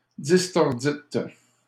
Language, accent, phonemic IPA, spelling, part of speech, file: French, Canada, /dis.tɔʁ.dit/, distordîtes, verb, LL-Q150 (fra)-distordîtes.wav
- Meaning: second-person plural past historic of distordre